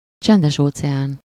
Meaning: Pacific Ocean
- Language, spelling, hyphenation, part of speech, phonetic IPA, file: Hungarian, Csendes-óceán, Csen‧des-‧óce‧án, proper noun, [ˈt͡ʃɛndɛʃoːt͡sɛaːn], Hu-Csendes-óceán.ogg